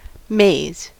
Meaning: Corn; a type of grain of the species Zea mays
- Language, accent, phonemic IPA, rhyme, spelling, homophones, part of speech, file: English, US, /meɪz/, -eɪz, maize, mays, noun, En-us-maize.ogg